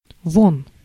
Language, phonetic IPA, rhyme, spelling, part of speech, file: Russian, [von], -on, вон, adverb / interjection / noun, Ru-вон.ogg
- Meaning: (adverb) 1. there 2. off, out (away), outside, away; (interjection) out, get out!; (noun) genitive plural of во́на (vóna)